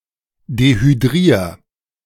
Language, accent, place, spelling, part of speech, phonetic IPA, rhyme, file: German, Germany, Berlin, dehydrier, verb, [dehyˈdʁiːɐ̯], -iːɐ̯, De-dehydrier.ogg
- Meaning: 1. singular imperative of dehydrieren 2. first-person singular present of dehydrieren